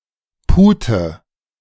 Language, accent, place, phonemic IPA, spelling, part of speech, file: German, Germany, Berlin, /ˈpuːtə/, Pute, noun, De-Pute.ogg
- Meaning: 1. female turkey 2. turkey (the bird species) 3. turkey (the meat of this bird)